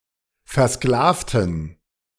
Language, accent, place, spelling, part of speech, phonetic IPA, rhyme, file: German, Germany, Berlin, versklavten, adjective / verb, [fɛɐ̯ˈsklaːftn̩], -aːftn̩, De-versklavten.ogg
- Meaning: inflection of versklaven: 1. first/third-person plural preterite 2. first/third-person plural subjunctive II